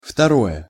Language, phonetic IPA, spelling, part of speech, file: Russian, [ftɐˈrojə], второе, adjective / noun, Ru-второе.ogg
- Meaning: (adjective) inflection of второ́й (vtorój): 1. neuter singular nominative 2. neuter singular & mainly inanimate accusative; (noun) 1. second course (meal) 2. secondly, used as во-вторы́х (vo-vtorýx)